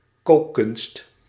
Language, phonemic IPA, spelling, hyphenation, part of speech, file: Dutch, /ˈkoː.kʏnst/, kookkunst, kook‧kunst, noun, Nl-kookkunst.ogg
- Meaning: 1. culinary art 2. culinary skill 3. cuisine